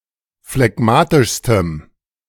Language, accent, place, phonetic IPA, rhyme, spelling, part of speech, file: German, Germany, Berlin, [flɛˈɡmaːtɪʃstəm], -aːtɪʃstəm, phlegmatischstem, adjective, De-phlegmatischstem.ogg
- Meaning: strong dative masculine/neuter singular superlative degree of phlegmatisch